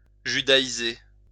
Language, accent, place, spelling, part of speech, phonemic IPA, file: French, France, Lyon, judaïser, verb, /ʒy.da.i.ze/, LL-Q150 (fra)-judaïser.wav
- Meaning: to Judaize